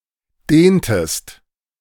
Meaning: inflection of dehnen: 1. second-person singular preterite 2. second-person singular subjunctive II
- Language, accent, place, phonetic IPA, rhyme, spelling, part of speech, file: German, Germany, Berlin, [ˈdeːntəst], -eːntəst, dehntest, verb, De-dehntest.ogg